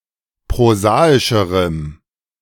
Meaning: strong dative masculine/neuter singular comparative degree of prosaisch
- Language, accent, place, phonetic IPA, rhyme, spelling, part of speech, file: German, Germany, Berlin, [pʁoˈzaːɪʃəʁəm], -aːɪʃəʁəm, prosaischerem, adjective, De-prosaischerem.ogg